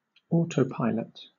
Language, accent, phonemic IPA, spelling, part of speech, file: English, Southern England, /ˈɔːtəʊˌpaɪlət/, autopilot, noun / verb, LL-Q1860 (eng)-autopilot.wav
- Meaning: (noun) A mechanical, electrical, or hydraulic system used to guide a vehicle without assistance from a human being